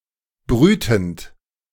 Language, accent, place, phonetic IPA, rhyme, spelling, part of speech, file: German, Germany, Berlin, [ˈbʁyːtn̩t], -yːtn̩t, brütend, verb, De-brütend.ogg
- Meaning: present participle of brüten